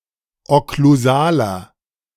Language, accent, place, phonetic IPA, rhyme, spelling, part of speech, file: German, Germany, Berlin, [ɔkluˈzaːlɐ], -aːlɐ, okklusaler, adjective, De-okklusaler.ogg
- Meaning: inflection of okklusal: 1. strong/mixed nominative masculine singular 2. strong genitive/dative feminine singular 3. strong genitive plural